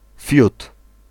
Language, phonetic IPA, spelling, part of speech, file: Polish, [fʲjut], fiut, noun / interjection, Pl-fiut.ogg